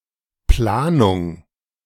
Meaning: planning
- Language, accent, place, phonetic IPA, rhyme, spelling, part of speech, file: German, Germany, Berlin, [ˈplaːnʊŋ], -aːnʊŋ, Planung, noun, De-Planung.ogg